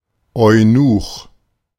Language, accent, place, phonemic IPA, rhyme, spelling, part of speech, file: German, Germany, Berlin, /ɔʏ̯ˈnuːx/, -uːx, Eunuch, noun, De-Eunuch.ogg
- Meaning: 1. eunuch (a castrated man employed as harem guard or women’s servant) 2. any castrated man